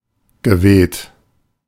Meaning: past participle of wehen
- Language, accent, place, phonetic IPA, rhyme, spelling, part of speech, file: German, Germany, Berlin, [ɡəˈveːt], -eːt, geweht, verb, De-geweht.ogg